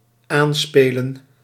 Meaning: 1. to allude 2. to pass (the ball) to 3. to target, to hit (a ball) 4. to play (a card) as the first card
- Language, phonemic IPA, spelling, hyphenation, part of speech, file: Dutch, /ˈaːnˌspeːlə(n)/, aanspelen, aan‧spe‧len, verb, Nl-aanspelen.ogg